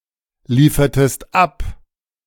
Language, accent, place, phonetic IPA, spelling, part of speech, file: German, Germany, Berlin, [ˌliːfɐtəst ˈap], liefertest ab, verb, De-liefertest ab.ogg
- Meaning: inflection of abliefern: 1. second-person singular preterite 2. second-person singular subjunctive II